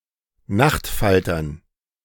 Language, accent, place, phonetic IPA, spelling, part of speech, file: German, Germany, Berlin, [ˈnaxtˌfaltɐn], Nachtfaltern, noun, De-Nachtfaltern.ogg
- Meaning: dative plural of Nachtfalter